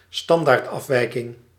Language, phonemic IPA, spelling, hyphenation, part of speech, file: Dutch, /ˈstɑn.daːrt.ɑfˌʋɛi̯.kɪŋ/, standaardafwijking, stan‧daard‧af‧wij‧king, noun, Nl-standaardafwijking.ogg
- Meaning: standard deviation